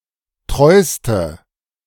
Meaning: inflection of treu: 1. strong/mixed nominative/accusative feminine singular superlative degree 2. strong nominative/accusative plural superlative degree
- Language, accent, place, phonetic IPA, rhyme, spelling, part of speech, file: German, Germany, Berlin, [ˈtʁɔɪ̯stə], -ɔɪ̯stə, treuste, adjective, De-treuste.ogg